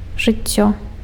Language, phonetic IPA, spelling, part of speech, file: Belarusian, [ʐɨˈt͡sʲːo], жыццё, noun, Be-жыццё.ogg
- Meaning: life